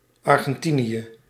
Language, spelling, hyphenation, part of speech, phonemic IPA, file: Dutch, Argentinië, Ar‧gen‧ti‧nië, proper noun, /ˌɑr.ɣɛnˈti.ni.ə/, Nl-Argentinië.ogg
- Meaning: Argentina (a country in South America)